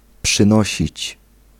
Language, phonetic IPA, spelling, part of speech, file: Polish, [pʃɨ̃ˈnɔɕit͡ɕ], przynosić, verb, Pl-przynosić.ogg